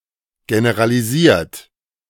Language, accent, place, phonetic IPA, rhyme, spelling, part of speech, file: German, Germany, Berlin, [ɡenəʁaliˈziːɐ̯t], -iːɐ̯t, generalisiert, verb, De-generalisiert.ogg
- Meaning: 1. past participle of generalisieren 2. inflection of generalisieren: third-person singular present 3. inflection of generalisieren: second-person plural present